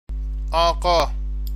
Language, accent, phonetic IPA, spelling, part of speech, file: Persian, Iran, [ʔɒː.ʁɒ́ː], آقا, noun, Fa-آقا.ogg
- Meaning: 1. Mr., Sir, Lord 2. sir, gentleman, lord 3. agha 4. misspelling of آغا (âġâ)